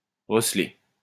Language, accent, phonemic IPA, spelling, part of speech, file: French, France, /ʁə.s(ə).le/, recelé, verb, LL-Q150 (fra)-recelé.wav
- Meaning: past participle of receler